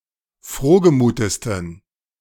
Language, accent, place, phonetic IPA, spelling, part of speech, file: German, Germany, Berlin, [ˈfʁoːɡəˌmuːtəstn̩], frohgemutesten, adjective, De-frohgemutesten.ogg
- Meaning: 1. superlative degree of frohgemut 2. inflection of frohgemut: strong genitive masculine/neuter singular superlative degree